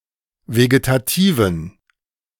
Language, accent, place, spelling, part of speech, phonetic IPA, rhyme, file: German, Germany, Berlin, vegetativen, adjective, [veɡetaˈtiːvn̩], -iːvn̩, De-vegetativen.ogg
- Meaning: inflection of vegetativ: 1. strong genitive masculine/neuter singular 2. weak/mixed genitive/dative all-gender singular 3. strong/weak/mixed accusative masculine singular 4. strong dative plural